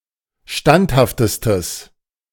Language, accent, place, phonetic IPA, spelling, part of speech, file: German, Germany, Berlin, [ˈʃtanthaftəstəs], standhaftestes, adjective, De-standhaftestes.ogg
- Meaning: strong/mixed nominative/accusative neuter singular superlative degree of standhaft